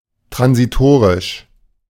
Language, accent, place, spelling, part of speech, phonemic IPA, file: German, Germany, Berlin, transitorisch, adjective, /tʁansiˈtoːʁɪʃ/, De-transitorisch.ogg
- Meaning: transitory